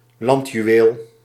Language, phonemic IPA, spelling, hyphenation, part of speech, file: Dutch, /ˈlɑnt.jyˌʋeːl/, landjuweel, land‧ju‧weel, noun, Nl-landjuweel.ogg
- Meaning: a late-mediaeval or early-modern festive contest in which the chambers of rhetoric of a region competed, always held in a city or town